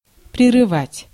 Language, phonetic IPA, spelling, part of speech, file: Russian, [prʲɪrɨˈvatʲ], прерывать, verb, Ru-прерывать.ogg
- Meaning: 1. to abort, to cut short, to discontinue or suspend abruptly 2. to interrupt (a conversation, act, etc.) 3. to break off, to sever